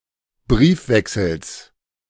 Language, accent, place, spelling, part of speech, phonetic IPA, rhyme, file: German, Germany, Berlin, Briefwechsels, noun, [ˈbʁiːfˌvɛksl̩s], -iːfvɛksl̩s, De-Briefwechsels.ogg
- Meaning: genitive singular of Briefwechsel